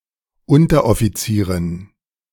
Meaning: female equivalent of Unteroffizier
- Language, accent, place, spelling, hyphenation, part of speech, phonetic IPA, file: German, Germany, Berlin, Unteroffizierin, Un‧ter‧of‧fi‧zie‧rin, noun, [ˈʊntɐʔɔfiˌt͡siːʁɪn], De-Unteroffizierin.ogg